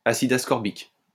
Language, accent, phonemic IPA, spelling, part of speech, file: French, France, /a.sid as.kɔʁ.bik/, acide ascorbique, noun, LL-Q150 (fra)-acide ascorbique.wav
- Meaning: ascorbic acid